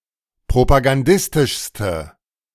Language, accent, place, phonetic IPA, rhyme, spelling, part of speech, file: German, Germany, Berlin, [pʁopaɡanˈdɪstɪʃstə], -ɪstɪʃstə, propagandistischste, adjective, De-propagandistischste.ogg
- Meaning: inflection of propagandistisch: 1. strong/mixed nominative/accusative feminine singular superlative degree 2. strong nominative/accusative plural superlative degree